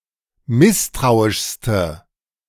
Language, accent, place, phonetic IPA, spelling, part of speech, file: German, Germany, Berlin, [ˈmɪstʁaʊ̯ɪʃstə], misstrauischste, adjective, De-misstrauischste.ogg
- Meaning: inflection of misstrauisch: 1. strong/mixed nominative/accusative feminine singular superlative degree 2. strong nominative/accusative plural superlative degree